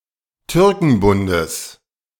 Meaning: genitive of Türkenbund
- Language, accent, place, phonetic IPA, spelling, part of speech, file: German, Germany, Berlin, [ˈtʏʁkŋ̩bʊndəs], Türkenbundes, noun, De-Türkenbundes.ogg